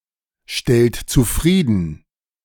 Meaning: inflection of zufriedenstellen: 1. second-person plural present 2. third-person singular present 3. plural imperative
- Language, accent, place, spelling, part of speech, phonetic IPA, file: German, Germany, Berlin, stellt zufrieden, verb, [ˌʃtɛlt t͡suˈfʁiːdn̩], De-stellt zufrieden.ogg